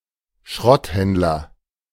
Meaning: scrap metal merchant, scrap merchant, scrap dealer
- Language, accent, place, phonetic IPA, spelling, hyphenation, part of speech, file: German, Germany, Berlin, [ˈʃʁɔtˌhɛndlɐ], Schrotthändler, Schrott‧händ‧ler, noun, De-Schrotthändler.ogg